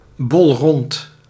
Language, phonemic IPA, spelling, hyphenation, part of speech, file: Dutch, /bɔlˈrɔnt/, bolrond, bol‧rond, adjective, Nl-bolrond.ogg
- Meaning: convex